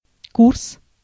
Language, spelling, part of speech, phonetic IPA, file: Russian, курс, noun, [kurs], Ru-курс.ogg
- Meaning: 1. course, year (in college, university) 2. course, vector 3. exchange rate 4. line, policy 5. See в курсе (v kurse) 6. genitive/accusative plural of курса́ (kursá)